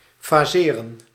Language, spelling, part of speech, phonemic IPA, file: Dutch, faseren, verb, /faːˈzeːrə(n)/, Nl-faseren.ogg
- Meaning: to phase, to divide into several gradual steps